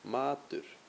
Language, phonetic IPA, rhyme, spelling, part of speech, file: Icelandic, [ˈmaːtʏr], -aːtʏr, matur, noun, Is-matur.ogg
- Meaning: food